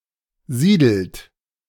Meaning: inflection of siedeln: 1. third-person singular present 2. second-person plural present 3. plural imperative
- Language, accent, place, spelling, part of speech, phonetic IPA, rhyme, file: German, Germany, Berlin, siedelt, verb, [ˈziːdl̩t], -iːdl̩t, De-siedelt.ogg